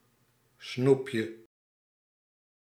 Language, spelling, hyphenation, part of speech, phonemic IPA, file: Dutch, snoepje, snoep‧je, noun, /ˈsnup.jə/, Nl-snoepje.ogg
- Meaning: 1. a sweet, a piece of candy 2. a pill of ecstasy or, more broadly, any drug in pill form